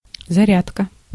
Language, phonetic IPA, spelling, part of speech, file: Russian, [zɐˈrʲatkə], зарядка, noun, Ru-зарядка.ogg
- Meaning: 1. physical exercise 2. the filling up of something; a charge (i.e. a battery) 3. charger; charging device